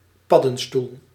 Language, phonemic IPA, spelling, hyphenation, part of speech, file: Dutch, /ˈpɑ.də(n)ˌstul/, paddenstoel, pad‧den‧stoel, noun, Nl-paddenstoel.ogg
- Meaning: 1. mushroom 2. mushroom-shaped signpost